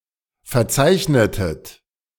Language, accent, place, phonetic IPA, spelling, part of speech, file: German, Germany, Berlin, [fɛɐ̯ˈt͡saɪ̯çnətət], verzeichnetet, verb, De-verzeichnetet.ogg
- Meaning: inflection of verzeichnen: 1. second-person plural preterite 2. second-person plural subjunctive II